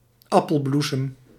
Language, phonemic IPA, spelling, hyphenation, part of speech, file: Dutch, /ˈɑ.pəlˌblu.səm/, appelbloesem, ap‧pel‧bloe‧sem, noun, Nl-appelbloesem.ogg
- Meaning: apple blossom